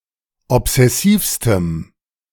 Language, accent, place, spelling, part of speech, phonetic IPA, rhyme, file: German, Germany, Berlin, obsessivstem, adjective, [ɔpz̥ɛˈsiːfstəm], -iːfstəm, De-obsessivstem.ogg
- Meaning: strong dative masculine/neuter singular superlative degree of obsessiv